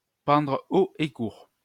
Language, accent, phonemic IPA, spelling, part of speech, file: French, France, /pɑ̃dʁ o e kuʁ/, pendre haut et court, verb, LL-Q150 (fra)-pendre haut et court.wav
- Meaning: to hang, to execute by hanging